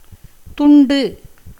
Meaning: 1. piece, bit, fragment, slice 2. division, strip, section 3. chit, billet, ticket 4. receipt 5. towel, small piece of cloth 6. bale of betel leaves containing 20 kavuḷi 7. loss 8. separateness
- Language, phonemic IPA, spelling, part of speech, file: Tamil, /t̪ʊɳɖɯ/, துண்டு, noun, Ta-துண்டு.ogg